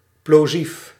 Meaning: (noun) plosive
- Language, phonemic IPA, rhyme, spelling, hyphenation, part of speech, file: Dutch, /ploːˈzif/, -if, plosief, plo‧sief, noun / adjective, Nl-plosief.ogg